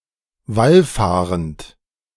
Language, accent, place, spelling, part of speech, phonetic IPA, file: German, Germany, Berlin, wallfahrend, verb, [ˈvalˌfaːʁənt], De-wallfahrend.ogg
- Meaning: present participle of wallfahren